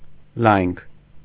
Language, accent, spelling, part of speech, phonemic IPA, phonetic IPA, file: Armenian, Eastern Armenian, լայնք, noun, /lɑjnkʰ/, [lɑjŋkʰ], Hy-լայնք.ogg
- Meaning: width